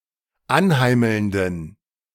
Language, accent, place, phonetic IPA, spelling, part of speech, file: German, Germany, Berlin, [ˈanˌhaɪ̯ml̩ndn̩], anheimelnden, adjective, De-anheimelnden.ogg
- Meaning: inflection of anheimelnd: 1. strong genitive masculine/neuter singular 2. weak/mixed genitive/dative all-gender singular 3. strong/weak/mixed accusative masculine singular 4. strong dative plural